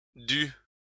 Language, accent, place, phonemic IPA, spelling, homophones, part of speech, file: French, France, Lyon, /dy/, dut, dû / due / dues / dus / dût, verb, LL-Q150 (fra)-dut.wav
- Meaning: third-person singular past historic of devoir